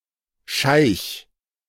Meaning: sheik
- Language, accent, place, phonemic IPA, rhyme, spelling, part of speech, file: German, Germany, Berlin, /ʃaɪ̯ç/, -aɪ̯ç, Scheich, noun, De-Scheich.ogg